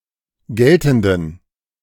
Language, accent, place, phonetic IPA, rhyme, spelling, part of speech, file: German, Germany, Berlin, [ˈɡɛltn̩dən], -ɛltn̩dən, geltenden, adjective, De-geltenden.ogg
- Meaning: inflection of geltend: 1. strong genitive masculine/neuter singular 2. weak/mixed genitive/dative all-gender singular 3. strong/weak/mixed accusative masculine singular 4. strong dative plural